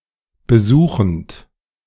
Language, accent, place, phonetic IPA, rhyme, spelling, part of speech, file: German, Germany, Berlin, [bəˈzuːxn̩t], -uːxn̩t, besuchend, verb, De-besuchend.ogg
- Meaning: present participle of besuchen